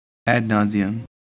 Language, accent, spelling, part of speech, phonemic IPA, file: English, US, ad nauseam, adverb / adjective, /ˌæd ˈnɔziəm/, En-us-ad nauseam.ogg
- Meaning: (adverb) 1. To a nauseating or sickening degree 2. Having been done or repeated so often that it has become annoying or tiresome